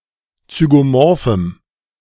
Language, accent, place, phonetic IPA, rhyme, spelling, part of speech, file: German, Germany, Berlin, [t͡syɡoˈmɔʁfm̩], -ɔʁfm̩, zygomorphem, adjective, De-zygomorphem.ogg
- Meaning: strong dative masculine/neuter singular of zygomorph